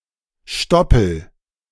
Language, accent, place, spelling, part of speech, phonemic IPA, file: German, Germany, Berlin, Stoppel, noun, /ˈʃtɔpəl/, De-Stoppel.ogg
- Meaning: 1. stubble (a cut-off stalk of grain) 2. stubble (cut-off stalks of grain) 3. stubble (of a beard) 4. plug, stopper